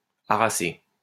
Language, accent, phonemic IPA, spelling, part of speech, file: French, France, /a.ʁa.se/, harassée, verb, LL-Q150 (fra)-harassée.wav
- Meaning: feminine singular of harassé